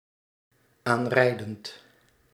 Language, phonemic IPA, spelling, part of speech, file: Dutch, /ˈanrɛidənt/, aanrijdend, verb, Nl-aanrijdend.ogg
- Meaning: present participle of aanrijden